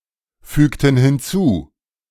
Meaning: inflection of hinzufügen: 1. first/third-person plural preterite 2. first/third-person plural subjunctive II
- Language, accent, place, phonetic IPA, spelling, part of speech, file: German, Germany, Berlin, [ˌfyːktn̩ hɪnˈt͡suː], fügten hinzu, verb, De-fügten hinzu.ogg